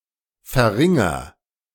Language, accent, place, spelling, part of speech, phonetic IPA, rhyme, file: German, Germany, Berlin, verringer, verb, [fɛɐ̯ˈʁɪŋɐ], -ɪŋɐ, De-verringer.ogg
- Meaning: inflection of verringern: 1. first-person singular present 2. singular imperative